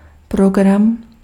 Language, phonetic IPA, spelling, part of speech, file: Czech, [ˈproɡram], program, noun, Cs-program.ogg
- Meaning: 1. program (set of activities) 2. program (for theater or TV) 3. program (computing) 4. agenda (of a meeting)